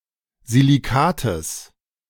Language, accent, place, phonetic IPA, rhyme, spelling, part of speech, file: German, Germany, Berlin, [ziliˈkaːtəs], -aːtəs, Silicates, noun, De-Silicates.ogg
- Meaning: genitive singular of Silicat